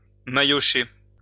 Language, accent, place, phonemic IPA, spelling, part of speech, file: French, France, Lyon, /ma.jɔ.ʃe/, maillocher, verb, LL-Q150 (fra)-maillocher.wav
- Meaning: to hit with a mailloche